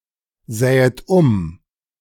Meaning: second-person plural subjunctive II of umsehen
- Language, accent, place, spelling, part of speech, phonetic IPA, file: German, Germany, Berlin, sähet um, verb, [ˌzɛːət ˈʊm], De-sähet um.ogg